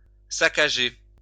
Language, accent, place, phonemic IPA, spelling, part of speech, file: French, France, Lyon, /sa.ka.ʒe/, saccager, verb, LL-Q150 (fra)-saccager.wav
- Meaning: 1. to sack, pillage 2. to ransack